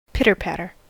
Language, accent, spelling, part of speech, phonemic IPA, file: English, US, pitter-patter, noun / verb, /ˈpɪt.ɚˈpæt.ɚ/, En-us-pitter-patter.ogg
- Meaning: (noun) A soft, percussive sound, as of tiny feet, or of rain on a rooftop; patter; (verb) To patter; to scurry